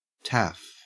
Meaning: A Welshman
- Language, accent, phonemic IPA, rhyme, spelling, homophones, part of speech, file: English, Australia, /ˈtæf/, -æf, taff, Taff / -taph, noun, En-au-taff.ogg